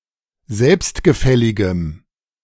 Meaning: strong dative masculine/neuter singular of selbstgefällig
- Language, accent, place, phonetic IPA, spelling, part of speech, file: German, Germany, Berlin, [ˈzɛlpstɡəˌfɛlɪɡəm], selbstgefälligem, adjective, De-selbstgefälligem.ogg